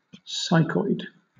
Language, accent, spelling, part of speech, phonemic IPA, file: English, Southern England, psychoid, noun / adjective, /ˈsaɪkɔɪd/, LL-Q1860 (eng)-psychoid.wav
- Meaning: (noun) An innate physical reaction to a psychological stimulus